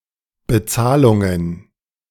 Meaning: plural of Bezahlung
- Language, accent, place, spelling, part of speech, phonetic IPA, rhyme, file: German, Germany, Berlin, Bezahlungen, noun, [bəˈt͡saːlʊŋən], -aːlʊŋən, De-Bezahlungen.ogg